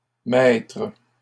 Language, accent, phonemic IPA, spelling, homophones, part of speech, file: French, Canada, /mɛtʁ/, maîtres, maître / mètre / mètres, noun, LL-Q150 (fra)-maîtres.wav
- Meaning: plural of maître